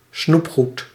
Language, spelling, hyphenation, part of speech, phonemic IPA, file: Dutch, snoepgoed, snoep‧goed, noun, /ˈsnupxut/, Nl-snoepgoed.ogg
- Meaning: candy (in general), confectionery